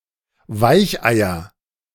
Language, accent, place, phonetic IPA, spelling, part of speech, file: German, Germany, Berlin, [ˈvaɪ̯çˌʔaɪ̯ɐ], Weicheier, noun, De-Weicheier.ogg
- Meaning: nominative/accusative/genitive plural of Weichei